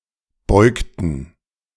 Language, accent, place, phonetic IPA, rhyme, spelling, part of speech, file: German, Germany, Berlin, [ˈbɔɪ̯ktn̩], -ɔɪ̯ktn̩, beugten, verb, De-beugten.ogg
- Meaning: inflection of beugen: 1. first/third-person plural preterite 2. first/third-person plural subjunctive II